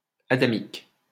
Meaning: Adamic
- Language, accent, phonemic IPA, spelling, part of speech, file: French, France, /a.da.mik/, adamique, adjective, LL-Q150 (fra)-adamique.wav